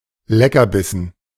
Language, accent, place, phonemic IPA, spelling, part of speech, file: German, Germany, Berlin, /ˈlɛkɐˌbɪsən/, Leckerbissen, noun, De-Leckerbissen.ogg
- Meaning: delicacy, tidbit